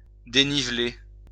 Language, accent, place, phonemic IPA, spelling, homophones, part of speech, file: French, France, Lyon, /de.ni.vle/, déniveler, dénivelai / dénivelé / dénivelée / dénivelées / dénivelés / dénivelez, verb, LL-Q150 (fra)-déniveler.wav
- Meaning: to make uneven